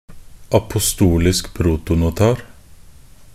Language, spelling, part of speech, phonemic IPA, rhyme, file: Norwegian Bokmål, apostolisk protonotar, noun, /apʊˈstuːlɪsk pruːtʊnʊˈtɑːr/, -ɑːr, Nb-apostolisk protonotar.ogg